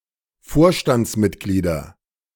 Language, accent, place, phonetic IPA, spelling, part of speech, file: German, Germany, Berlin, [ˈfoːɐ̯ʃtant͡sˌmɪtɡliːdɐ], Vorstandsmitglieder, noun, De-Vorstandsmitglieder.ogg
- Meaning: nominative/accusative/genitive plural of Vorstandsmitglied